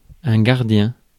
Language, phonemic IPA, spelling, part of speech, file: French, /ɡaʁ.djɛ̃/, gardien, noun, Fr-gardien.ogg
- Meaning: 1. guard (someone who keeps guard of something) 2. guardian, warden (protector) 3. guardian (someone who looks after something else) 4. guardian